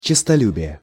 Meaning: lust for praises, love to be praised
- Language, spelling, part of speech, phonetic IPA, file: Russian, честолюбие, noun, [t͡ɕɪstɐˈlʲʉbʲɪje], Ru-честолюбие.ogg